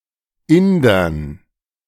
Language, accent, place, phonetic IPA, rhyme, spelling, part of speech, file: German, Germany, Berlin, [ˈɪndɐn], -ɪndɐn, Indern, noun, De-Indern.ogg
- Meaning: dative plural of Inder